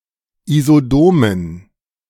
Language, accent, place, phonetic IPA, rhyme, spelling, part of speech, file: German, Germany, Berlin, [izoˈdoːmən], -oːmən, isodomen, adjective, De-isodomen.ogg
- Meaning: inflection of isodom: 1. strong genitive masculine/neuter singular 2. weak/mixed genitive/dative all-gender singular 3. strong/weak/mixed accusative masculine singular 4. strong dative plural